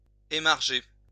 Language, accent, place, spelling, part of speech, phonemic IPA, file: French, France, Lyon, émarger, verb, /e.maʁ.ʒe/, LL-Q150 (fra)-émarger.wav
- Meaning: 1. to initial (a document) 2. to sign, sign in 3. to annotate, make marginal notes in 4. to draw one's salary